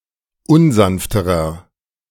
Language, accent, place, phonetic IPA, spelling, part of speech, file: German, Germany, Berlin, [ˈʊnˌzanftəʁɐ], unsanfterer, adjective, De-unsanfterer.ogg
- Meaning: inflection of unsanft: 1. strong/mixed nominative masculine singular comparative degree 2. strong genitive/dative feminine singular comparative degree 3. strong genitive plural comparative degree